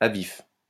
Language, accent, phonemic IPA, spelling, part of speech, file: French, France, /a vif/, à vif, adjective, LL-Q150 (fra)-à vif.wav
- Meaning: 1. skinless, skinned, raw, bared 2. open 3. on edge, uptight